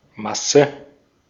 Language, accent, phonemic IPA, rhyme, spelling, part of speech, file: German, Austria, /ˈmasə/, -asə, Masse, noun, De-at-Masse.ogg
- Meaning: 1. mass (quantity of matter) 2. matter 3. ground